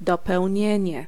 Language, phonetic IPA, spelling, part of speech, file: Polish, [ˌdɔpɛwʲˈɲɛ̇̃ɲɛ], dopełnienie, noun, Pl-dopełnienie.ogg